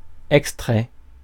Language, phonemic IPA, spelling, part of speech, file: French, /ɛk.stʁɛ/, extrait, noun / verb / adjective, Fr-extrait.ogg
- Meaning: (noun) 1. an extract 2. a clip 3. an excerpt; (verb) 1. third-person singular present indicative of extraire 2. past participle of extraire; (adjective) extracted